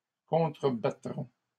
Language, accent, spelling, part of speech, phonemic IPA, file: French, Canada, contrebattront, verb, /kɔ̃.tʁə.ba.tʁɔ̃/, LL-Q150 (fra)-contrebattront.wav
- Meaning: third-person plural future of contrebattre